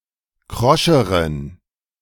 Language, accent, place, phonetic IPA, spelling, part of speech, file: German, Germany, Berlin, [ˈkʁɔʃəʁən], kroscheren, adjective, De-kroscheren.ogg
- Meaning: inflection of krosch: 1. strong genitive masculine/neuter singular comparative degree 2. weak/mixed genitive/dative all-gender singular comparative degree